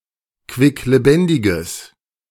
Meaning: strong/mixed nominative/accusative neuter singular of quicklebendig
- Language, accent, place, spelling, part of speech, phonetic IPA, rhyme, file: German, Germany, Berlin, quicklebendiges, adjective, [kvɪkleˈbɛndɪɡəs], -ɛndɪɡəs, De-quicklebendiges.ogg